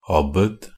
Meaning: an abbot (superior or head of an abbey or monastery)
- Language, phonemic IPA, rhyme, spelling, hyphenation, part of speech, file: Norwegian Bokmål, /ˈabːəd/, -əd, abbed, ab‧bed, noun, NB - Pronunciation of Norwegian Bokmål «abbed».ogg